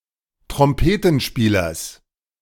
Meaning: genitive of Trompetenspieler
- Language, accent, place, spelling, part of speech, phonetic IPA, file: German, Germany, Berlin, Trompetenspielers, noun, [tʁɔmˈpeːtənˌʃpiːlɐs], De-Trompetenspielers.ogg